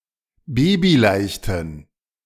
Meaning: inflection of babyleicht: 1. strong genitive masculine/neuter singular 2. weak/mixed genitive/dative all-gender singular 3. strong/weak/mixed accusative masculine singular 4. strong dative plural
- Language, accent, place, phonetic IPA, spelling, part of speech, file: German, Germany, Berlin, [ˈbeːbiˌlaɪ̯çtn̩], babyleichten, adjective, De-babyleichten.ogg